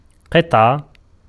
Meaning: 1. piece, fragment, chunk 2. section, division 3. coin 4. segment 5. unit
- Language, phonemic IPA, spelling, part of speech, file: Arabic, /qitˤ.ʕa/, قطعة, noun, Ar-قطعة.ogg